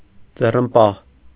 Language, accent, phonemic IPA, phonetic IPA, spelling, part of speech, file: Armenian, Eastern Armenian, /d͡zerənˈpɑh/, [d͡zerənpɑ́h], ձեռնպահ, adjective, Hy-ձեռնպահ.ogg
- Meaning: abstaining